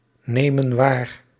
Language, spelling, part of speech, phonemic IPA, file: Dutch, nemen waar, verb, /ˈnemə(n) ˈwar/, Nl-nemen waar.ogg
- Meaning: inflection of waarnemen: 1. plural present indicative 2. plural present subjunctive